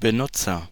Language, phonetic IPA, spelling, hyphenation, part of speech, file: German, [bəˈnʊtsɐ], Benutzer, Be‧nut‧zer, noun, De-Benutzer.ogg
- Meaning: user